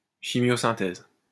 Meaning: chemosynthesis
- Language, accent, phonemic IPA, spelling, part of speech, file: French, France, /ʃi.mjo.sɛ̃.tɛz/, chimiosynthèse, noun, LL-Q150 (fra)-chimiosynthèse.wav